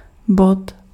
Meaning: 1. point 2. item (of an agenda) 3. point, mark 4. stab
- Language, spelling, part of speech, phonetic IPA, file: Czech, bod, noun, [ˈbot], Cs-bod.ogg